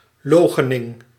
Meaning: denial
- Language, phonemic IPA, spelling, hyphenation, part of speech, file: Dutch, /ˈloː.xə.nɪŋ/, loochening, loo‧che‧ning, noun, Nl-loochening.ogg